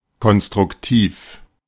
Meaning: constructive (carefully considered and meant to be helpful)
- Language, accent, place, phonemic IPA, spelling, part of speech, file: German, Germany, Berlin, /kɔnstʁʊkˈtiːf/, konstruktiv, adjective, De-konstruktiv.ogg